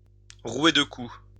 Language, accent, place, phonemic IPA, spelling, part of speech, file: French, France, Lyon, /ʁwe d(ə) ku/, rouer de coups, verb, LL-Q150 (fra)-rouer de coups.wav
- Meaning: to pummel, to lambaste, to shower with blows, to rain blows upon